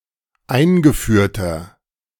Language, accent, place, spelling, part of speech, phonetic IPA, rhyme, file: German, Germany, Berlin, eingeführter, adjective, [ˈaɪ̯nɡəˌfyːɐ̯tɐ], -aɪ̯nɡəfyːɐ̯tɐ, De-eingeführter.ogg
- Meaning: inflection of eingeführt: 1. strong/mixed nominative masculine singular 2. strong genitive/dative feminine singular 3. strong genitive plural